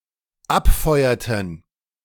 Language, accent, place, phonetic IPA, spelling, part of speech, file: German, Germany, Berlin, [ˈapˌfɔɪ̯ɐtn̩], abfeuerten, verb, De-abfeuerten.ogg
- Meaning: inflection of abfeuern: 1. first/third-person plural dependent preterite 2. first/third-person plural dependent subjunctive II